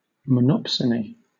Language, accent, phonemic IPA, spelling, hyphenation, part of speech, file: English, Southern England, /məˈnɒpsəni/, monopsony, mon‧op‧so‧ny, noun, LL-Q1860 (eng)-monopsony.wav
- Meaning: 1. A market situation in which there is only one buyer for a product 2. A buyer with disproportionate power